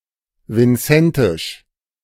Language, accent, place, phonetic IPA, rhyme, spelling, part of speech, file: German, Germany, Berlin, [vɪnˈt͡sɛntɪʃ], -ɛntɪʃ, vincentisch, adjective, De-vincentisch.ogg
- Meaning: of Saint Vincent and the Grenadines; Vincentian